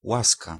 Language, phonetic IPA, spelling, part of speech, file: Polish, [ˈwaska], łaska, noun, Pl-łaska.ogg